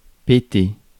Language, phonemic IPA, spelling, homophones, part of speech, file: French, /pe.te/, péter, pétai / pété / pétée / pétées / pétés / pétez, verb, Fr-péter.ogg
- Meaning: 1. to blow off, fart 2. to break 3. to explode